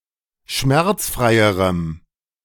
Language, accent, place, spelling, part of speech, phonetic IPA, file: German, Germany, Berlin, schmerzfreierem, adjective, [ˈʃmɛʁt͡sˌfʁaɪ̯əʁəm], De-schmerzfreierem.ogg
- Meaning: strong dative masculine/neuter singular comparative degree of schmerzfrei